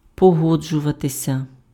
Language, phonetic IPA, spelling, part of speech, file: Ukrainian, [pɔˈɦɔd͡ʒʊʋɐtesʲɐ], погоджуватися, verb, Uk-погоджуватися.ogg
- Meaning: 1. to agree, to consent (give approval) 2. to agree, to concur (be in harmony about an opinion)